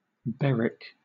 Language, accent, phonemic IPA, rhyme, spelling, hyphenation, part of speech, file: English, Southern England, /ˈbɛɹɪk/, -ɛɹɪk, Berwick, Ber‧wick, proper noun, LL-Q1860 (eng)-Berwick.wav
- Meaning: Any of various places, including: Ellipsis of Berwick-upon-Tweed: a town in Northumberland, England